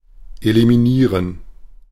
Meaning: to eliminate
- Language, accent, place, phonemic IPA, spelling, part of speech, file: German, Germany, Berlin, /elimiˈniːʁən/, eliminieren, verb, De-eliminieren.ogg